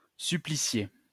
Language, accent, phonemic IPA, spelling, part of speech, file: French, France, /sy.pli.sje/, supplicier, verb, LL-Q150 (fra)-supplicier.wav
- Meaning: to kill by torture